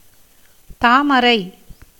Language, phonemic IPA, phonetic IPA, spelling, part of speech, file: Tamil, /t̪ɑːmɐɾɐɪ̯/, [t̪äːmɐɾɐɪ̯], தாமரை, noun, Ta-தாமரை.ogg
- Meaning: lotus (the plant and the flower)